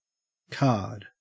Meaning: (noun) 1. A playing card 2. Any game using playing cards; a card game 3. A resource or argument, used to achieve a purpose. (See play the something card.)
- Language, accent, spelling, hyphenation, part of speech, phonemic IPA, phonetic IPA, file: English, Australia, card, card, noun / verb, /kaːd/, [kʰäːd], En-au-card.ogg